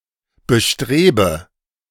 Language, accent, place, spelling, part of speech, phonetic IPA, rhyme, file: German, Germany, Berlin, bestrebe, verb, [bəˈʃtʁeːbə], -eːbə, De-bestrebe.ogg
- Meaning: inflection of bestreben: 1. first-person singular present 2. first/third-person singular subjunctive I 3. singular imperative